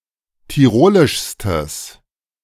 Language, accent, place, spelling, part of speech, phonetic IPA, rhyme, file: German, Germany, Berlin, tirolischstes, adjective, [tiˈʁoːlɪʃstəs], -oːlɪʃstəs, De-tirolischstes.ogg
- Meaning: strong/mixed nominative/accusative neuter singular superlative degree of tirolisch